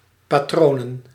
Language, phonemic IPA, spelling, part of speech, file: Dutch, /paˈtronə(n)/, patronen, noun, Nl-patronen.ogg
- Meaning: plural of patroon